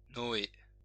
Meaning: 1. Noah (biblical character) 2. a male given name of biblical origin
- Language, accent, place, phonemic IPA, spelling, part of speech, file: French, France, Lyon, /nɔ.e/, Noé, proper noun, LL-Q150 (fra)-Noé.wav